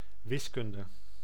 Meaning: mathematics
- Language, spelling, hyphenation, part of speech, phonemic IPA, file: Dutch, wiskunde, wis‧kun‧de, noun, /ˈʋɪsˌkʏn.də/, Nl-wiskunde.ogg